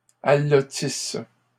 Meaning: inflection of allotir: 1. first/third-person singular present subjunctive 2. first-person singular imperfect subjunctive
- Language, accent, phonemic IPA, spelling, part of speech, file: French, Canada, /a.lɔ.tis/, allotisse, verb, LL-Q150 (fra)-allotisse.wav